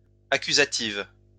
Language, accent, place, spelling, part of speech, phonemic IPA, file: French, France, Lyon, accusatives, adjective, /a.ky.za.tiv/, LL-Q150 (fra)-accusatives.wav
- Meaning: feminine plural of accusatif